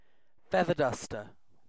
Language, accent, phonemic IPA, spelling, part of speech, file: English, UK, /ˈfɛð.ə(ɹ)ˈdʌstə/, feather duster, noun, En-uk-feather duster.ogg
- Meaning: An implement, traditionally consisting of a bundle of feathers (especially ostrich feathers) attached to a handle, used to remove surface dust